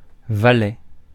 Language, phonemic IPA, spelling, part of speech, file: French, /va.lɛ/, valet, noun, Fr-valet.ogg
- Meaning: 1. a male attendant of a knight or a lord 2. officer belonging to the king's house or a princely house, also valet de chambre 3. a male servant, a footman